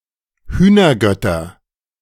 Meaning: nominative/accusative/genitive plural of Hühnergott
- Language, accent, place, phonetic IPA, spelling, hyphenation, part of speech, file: German, Germany, Berlin, [ˈhyːnɐˌɡœtɐ], Hühnergötter, Hüh‧ner‧göt‧ter, noun, De-Hühnergötter.ogg